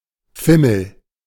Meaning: craze; unusual passion, preoccupation
- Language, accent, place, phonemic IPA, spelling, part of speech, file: German, Germany, Berlin, /ˈfɪməl/, Fimmel, noun, De-Fimmel.ogg